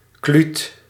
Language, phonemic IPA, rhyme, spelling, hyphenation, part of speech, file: Dutch, /klyt/, -yt, kluut, kluut, noun, Nl-kluut.ogg
- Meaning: 1. pied avocet (Recurvirostra avosetta) 2. avocet, any bird of the genus Recurvirostra